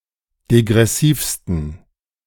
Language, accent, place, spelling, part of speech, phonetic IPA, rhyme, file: German, Germany, Berlin, degressivsten, adjective, [deɡʁɛˈsiːfstn̩], -iːfstn̩, De-degressivsten.ogg
- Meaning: 1. superlative degree of degressiv 2. inflection of degressiv: strong genitive masculine/neuter singular superlative degree